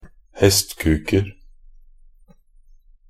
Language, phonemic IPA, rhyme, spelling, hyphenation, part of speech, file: Norwegian Bokmål, /hɛstkʉːkər/, -ər, hestkuker, hest‧kuk‧er, noun, Nb-hestkuker.ogg
- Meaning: indefinite plural of hestkuk